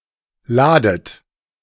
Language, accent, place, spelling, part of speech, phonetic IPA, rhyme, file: German, Germany, Berlin, ladet, verb, [ˈlaːdət], -aːdət, De-ladet.ogg
- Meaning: 1. inflection of laden: second-person plural present 2. inflection of laden: second-person plural subjunctive I 3. inflection of laden: plural imperative 4. third-person singular present of laden